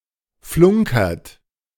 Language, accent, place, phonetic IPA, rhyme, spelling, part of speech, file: German, Germany, Berlin, [ˈflʊŋkɐt], -ʊŋkɐt, flunkert, verb, De-flunkert.ogg
- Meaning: inflection of flunkern: 1. second-person plural present 2. third-person singular present 3. plural imperative